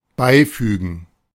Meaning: to attach, to append, to enclose
- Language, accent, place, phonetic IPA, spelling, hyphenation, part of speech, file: German, Germany, Berlin, [ˈbaɪ̯ˌfyːɡn̩], beifügen, bei‧fü‧gen, verb, De-beifügen.ogg